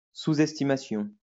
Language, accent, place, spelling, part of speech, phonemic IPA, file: French, France, Lyon, sous-estimation, noun, /su.z‿ɛs.ti.ma.sjɔ̃/, LL-Q150 (fra)-sous-estimation.wav
- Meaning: underestimation; underestimate